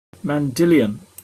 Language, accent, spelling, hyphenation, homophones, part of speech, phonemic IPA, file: English, Received Pronunciation, mandylion, man‧dy‧li‧on, mandilion, noun, /mɑnˈdɪlɪən/, En-uk-mandylion.opus